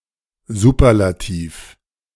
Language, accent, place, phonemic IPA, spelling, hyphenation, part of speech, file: German, Germany, Berlin, /ˈzuːpɐlatiːf/, Superlativ, Su‧per‧la‧tiv, noun, De-Superlativ.ogg
- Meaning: superlative degree